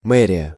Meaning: 1. mayor's office 2. city hall, town hall
- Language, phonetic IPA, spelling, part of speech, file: Russian, [ˈmɛrʲɪjə], мэрия, noun, Ru-мэрия.ogg